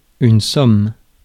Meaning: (noun) 1. sum; total 2. nap; doze; quick sleep 3. packsaddle; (verb) inflection of sommer: 1. first/third-person singular present indicative/subjunctive 2. second-person singular imperative
- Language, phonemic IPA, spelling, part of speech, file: French, /sɔm/, somme, noun / verb, Fr-somme.ogg